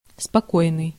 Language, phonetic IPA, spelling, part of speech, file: Russian, [spɐˈkojnɨj], спокойный, adjective, Ru-спокойный.ogg
- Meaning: 1. calm (unworried, free from anger) 2. placid, quiet, serene, tranquil